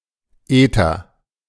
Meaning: alternative form of Äther (“ether as a chemical substance”)
- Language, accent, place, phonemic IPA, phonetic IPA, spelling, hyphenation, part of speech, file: German, Germany, Berlin, /ˈeːtər/, [ˈʔeː.tɐ], Ether, Ether, noun, De-Ether.ogg